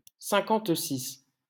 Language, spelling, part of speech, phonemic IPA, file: French, cinquante-six, numeral, /sɛ̃.kɑ̃t.sis/, LL-Q150 (fra)-cinquante-six.wav
- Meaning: fifty-six